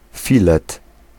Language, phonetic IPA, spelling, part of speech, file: Polish, [ˈfʲilɛt], filet, noun, Pl-filet.ogg